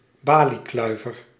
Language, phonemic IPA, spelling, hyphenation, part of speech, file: Dutch, /ˈbaː.liˌklœy̯.vər/, baliekluiver, ba‧lie‧klui‧ver, noun, Nl-baliekluiver.ogg
- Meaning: idler, loafer, lazybones